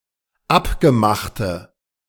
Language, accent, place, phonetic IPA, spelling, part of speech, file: German, Germany, Berlin, [ˈapɡəˌmaxtə], abgemachte, adjective, De-abgemachte.ogg
- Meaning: inflection of abgemacht: 1. strong/mixed nominative/accusative feminine singular 2. strong nominative/accusative plural 3. weak nominative all-gender singular